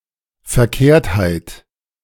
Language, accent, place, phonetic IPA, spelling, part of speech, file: German, Germany, Berlin, [fɛɐ̯ˈkeːɐ̯thaɪ̯t], Verkehrtheit, noun, De-Verkehrtheit.ogg
- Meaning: wrongness